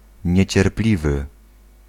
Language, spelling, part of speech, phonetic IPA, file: Polish, niecierpliwy, adjective, [ˌɲɛ̇t͡ɕɛrˈplʲivɨ], Pl-niecierpliwy.ogg